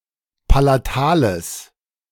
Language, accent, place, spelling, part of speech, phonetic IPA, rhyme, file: German, Germany, Berlin, palatales, adjective, [palaˈtaːləs], -aːləs, De-palatales.ogg
- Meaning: strong/mixed nominative/accusative neuter singular of palatal